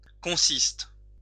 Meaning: inflection of consister: 1. first/third-person singular present indicative/subjunctive 2. second-person singular imperative
- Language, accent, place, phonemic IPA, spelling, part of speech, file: French, France, Lyon, /kɔ̃.sist/, consiste, verb, LL-Q150 (fra)-consiste.wav